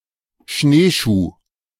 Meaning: snowshoe
- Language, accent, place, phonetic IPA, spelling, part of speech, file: German, Germany, Berlin, [ˈʃneːˌʃuː], Schneeschuh, noun, De-Schneeschuh.ogg